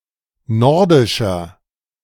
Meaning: 1. comparative degree of nordisch 2. inflection of nordisch: strong/mixed nominative masculine singular 3. inflection of nordisch: strong genitive/dative feminine singular
- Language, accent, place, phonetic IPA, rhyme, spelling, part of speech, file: German, Germany, Berlin, [ˈnɔʁdɪʃɐ], -ɔʁdɪʃɐ, nordischer, adjective, De-nordischer.ogg